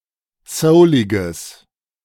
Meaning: strong/mixed nominative/accusative neuter singular of soulig
- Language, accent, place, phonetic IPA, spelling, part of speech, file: German, Germany, Berlin, [ˈsəʊlɪɡəs], souliges, adjective, De-souliges.ogg